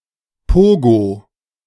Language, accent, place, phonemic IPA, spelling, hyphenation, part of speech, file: German, Germany, Berlin, /ˈpoːɡoː/, Pogo, Po‧go, noun, De-Pogo.ogg
- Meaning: pogo